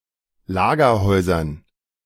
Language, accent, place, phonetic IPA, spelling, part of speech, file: German, Germany, Berlin, [ˈlaːɡɐˌhɔɪ̯zɐn], Lagerhäusern, noun, De-Lagerhäusern.ogg
- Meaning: dative plural of Lagerhaus